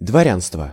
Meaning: nobility; the nobles; gentry
- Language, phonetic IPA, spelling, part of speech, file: Russian, [dvɐˈrʲanstvə], дворянство, noun, Ru-дворянство.ogg